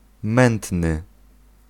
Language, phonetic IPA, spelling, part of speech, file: Polish, [ˈmɛ̃ntnɨ], mętny, adjective, Pl-mętny.ogg